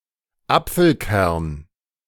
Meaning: apple seed, pip
- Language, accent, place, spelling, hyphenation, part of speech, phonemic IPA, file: German, Germany, Berlin, Apfelkern, Ap‧fel‧kern, noun, /ˈap͡fl̩ˌkɛʁn/, De-Apfelkern.ogg